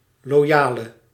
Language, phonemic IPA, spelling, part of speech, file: Dutch, /loˈjalə/, loyale, adjective, Nl-loyale.ogg
- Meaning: inflection of loyaal: 1. masculine/feminine singular attributive 2. definite neuter singular attributive 3. plural attributive